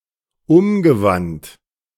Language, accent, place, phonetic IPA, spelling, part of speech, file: German, Germany, Berlin, [ˈʊmɡəˌvant], umgewandt, verb, De-umgewandt.ogg
- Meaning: past participle of umwenden